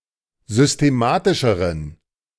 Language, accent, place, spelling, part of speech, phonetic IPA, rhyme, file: German, Germany, Berlin, systematischeren, adjective, [zʏsteˈmaːtɪʃəʁən], -aːtɪʃəʁən, De-systematischeren.ogg
- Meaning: inflection of systematisch: 1. strong genitive masculine/neuter singular comparative degree 2. weak/mixed genitive/dative all-gender singular comparative degree